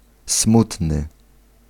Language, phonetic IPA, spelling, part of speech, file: Polish, [ˈsmutnɨ], smutny, adjective, Pl-smutny.ogg